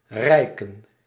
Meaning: to reach, to extend out, to stretch
- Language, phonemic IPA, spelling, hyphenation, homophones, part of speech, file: Dutch, /ˈrɛi̯kə(n)/, reiken, rei‧ken, rijken, verb, Nl-reiken.ogg